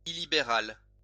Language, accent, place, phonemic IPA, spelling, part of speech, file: French, France, Lyon, /i.li.be.ʁal/, illibéral, adjective, LL-Q150 (fra)-illibéral.wav
- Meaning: illiberal